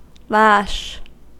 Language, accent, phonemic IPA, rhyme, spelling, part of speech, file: English, US, /læʃ/, -æʃ, lash, noun / verb / adjective, En-us-lash.ogg
- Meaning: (noun) 1. The thong or braided cord of a whip, with which the blow is given 2. A leash in which an animal is caught or held; hence, a snare